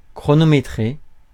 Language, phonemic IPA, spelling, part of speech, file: French, /kʁɔ.nɔ.me.tʁe/, chronométrer, verb, Fr-chronométrer.ogg
- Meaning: to time, to keep time (measure time)